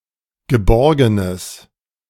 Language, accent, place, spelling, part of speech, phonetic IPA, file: German, Germany, Berlin, geborgenes, adjective, [ɡəˈbɔʁɡənəs], De-geborgenes.ogg
- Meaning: strong/mixed nominative/accusative neuter singular of geborgen